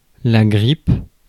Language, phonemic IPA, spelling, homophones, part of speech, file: French, /ɡʁip/, grippe, grippes / grippent, noun / verb, Fr-grippe.ogg
- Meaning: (noun) influenza; flu; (verb) inflection of gripper: 1. first/third-person singular present indicative/subjunctive 2. second-person singular imperative